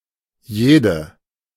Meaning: inflection of jeder: 1. feminine nominative singular 2. feminine accusative singular
- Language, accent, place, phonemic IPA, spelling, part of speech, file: German, Germany, Berlin, /ˈjeːdə/, jede, pronoun, De-jede.ogg